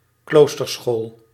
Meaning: convent school, monastic school
- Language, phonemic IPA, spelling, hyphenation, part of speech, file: Dutch, /ˈkloːs.tərˌsxoːl/, kloosterschool, kloos‧ter‧school, noun, Nl-kloosterschool.ogg